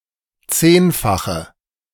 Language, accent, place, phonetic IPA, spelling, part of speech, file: German, Germany, Berlin, [ˈt͡seːnfaxə], zehnfache, adjective, De-zehnfache.ogg
- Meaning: inflection of zehnfach: 1. strong/mixed nominative/accusative feminine singular 2. strong nominative/accusative plural 3. weak nominative all-gender singular